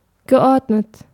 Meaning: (verb) past participle of ordnen; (adjective) 1. orderly 2. well-ordered
- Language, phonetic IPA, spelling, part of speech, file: German, [ɡəˈʔɔʁdnət], geordnet, adjective / verb, De-geordnet.ogg